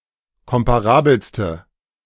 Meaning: inflection of komparabel: 1. strong/mixed nominative/accusative feminine singular superlative degree 2. strong nominative/accusative plural superlative degree
- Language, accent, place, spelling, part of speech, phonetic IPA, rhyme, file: German, Germany, Berlin, komparabelste, adjective, [ˌkɔmpaˈʁaːbl̩stə], -aːbl̩stə, De-komparabelste.ogg